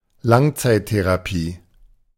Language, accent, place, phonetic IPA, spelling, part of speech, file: German, Germany, Berlin, [ˈlaŋt͡saɪ̯tteʁaˌpiː], Langzeittherapie, noun, De-Langzeittherapie.ogg
- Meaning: long-term therapy